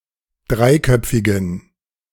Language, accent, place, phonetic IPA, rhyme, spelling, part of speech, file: German, Germany, Berlin, [ˈdʁaɪ̯ˌkœp͡fɪɡn̩], -aɪ̯kœp͡fɪɡn̩, dreiköpfigen, adjective, De-dreiköpfigen.ogg
- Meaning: inflection of dreiköpfig: 1. strong genitive masculine/neuter singular 2. weak/mixed genitive/dative all-gender singular 3. strong/weak/mixed accusative masculine singular 4. strong dative plural